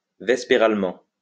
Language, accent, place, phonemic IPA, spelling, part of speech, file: French, France, Lyon, /vɛs.pe.ʁal.mɑ̃/, vespéralement, adverb, LL-Q150 (fra)-vespéralement.wav
- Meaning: during the evening